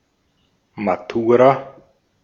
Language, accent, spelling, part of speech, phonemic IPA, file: German, Austria, Matura, noun, /maˈtuːʁa/, De-at-Matura.ogg
- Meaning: matura (school-leaving exam such as the A level, Abitur etc.)